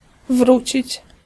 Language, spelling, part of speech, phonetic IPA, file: Polish, wrócić, verb, [ˈvrut͡ɕit͡ɕ], Pl-wrócić.ogg